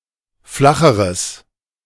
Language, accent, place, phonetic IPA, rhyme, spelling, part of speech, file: German, Germany, Berlin, [ˈflaxəʁəs], -axəʁəs, flacheres, adjective, De-flacheres.ogg
- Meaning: strong/mixed nominative/accusative neuter singular comparative degree of flach